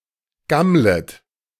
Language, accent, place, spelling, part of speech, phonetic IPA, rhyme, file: German, Germany, Berlin, gammlet, verb, [ˈɡamlət], -amlət, De-gammlet.ogg
- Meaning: second-person plural subjunctive I of gammeln